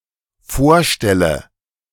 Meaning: inflection of vorstellen: 1. first-person singular dependent present 2. first/third-person singular dependent subjunctive I
- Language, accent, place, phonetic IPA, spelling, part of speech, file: German, Germany, Berlin, [ˈfoːɐ̯ˌʃtɛlə], vorstelle, verb, De-vorstelle.ogg